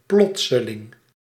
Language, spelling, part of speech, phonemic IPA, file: Dutch, plotseling, adjective / adverb, /ˈplɔtsəlˌɪŋ/, Nl-plotseling.ogg
- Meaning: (adverb) suddenly; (adjective) sudden